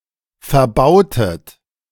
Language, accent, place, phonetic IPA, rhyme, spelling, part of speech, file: German, Germany, Berlin, [fɛɐ̯ˈbaʊ̯tət], -aʊ̯tət, verbautet, verb, De-verbautet.ogg
- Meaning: inflection of verbauen: 1. second-person plural preterite 2. second-person plural subjunctive II